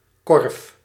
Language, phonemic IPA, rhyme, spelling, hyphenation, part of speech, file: Dutch, /kɔrf/, -ɔrf, korf, korf, noun / verb, Nl-korf.ogg
- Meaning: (noun) basket; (verb) singular past indicative of kerven